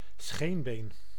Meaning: 1. a tibia (bone of the leg) 2. a shin, the front of a vertebrate leg beneath the knee
- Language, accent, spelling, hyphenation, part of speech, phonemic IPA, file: Dutch, Netherlands, scheenbeen, scheen‧been, noun, /ˈsxeːn.beːn/, Nl-scheenbeen.ogg